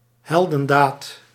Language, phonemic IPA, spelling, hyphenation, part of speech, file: Dutch, /ˈɦɛl.də(n)ˌdaːt/, heldendaad, hel‧den‧daad, noun, Nl-heldendaad.ogg
- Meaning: a heroic deed, act, feat